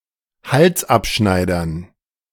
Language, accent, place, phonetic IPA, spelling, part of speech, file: German, Germany, Berlin, [ˈhalsˌʔapʃnaɪ̯dɐn], Halsabschneidern, noun, De-Halsabschneidern.ogg
- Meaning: dative plural of Halsabschneider